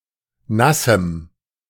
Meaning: strong dative masculine/neuter singular of nass
- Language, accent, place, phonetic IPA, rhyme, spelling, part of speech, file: German, Germany, Berlin, [ˈnasm̩], -asm̩, nassem, adjective, De-nassem.ogg